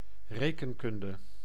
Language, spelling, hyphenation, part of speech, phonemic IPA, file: Dutch, rekenkunde, re‧ken‧kun‧de, noun, /ˈreː.kənˌkʏn.də/, Nl-rekenkunde.ogg
- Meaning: arithmetic